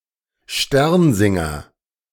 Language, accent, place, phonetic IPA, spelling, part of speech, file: German, Germany, Berlin, [ˈʃtɛʁnˌzɪŋɐ], Sternsinger, noun, De-Sternsinger.ogg
- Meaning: caroler (dressed like the Magi)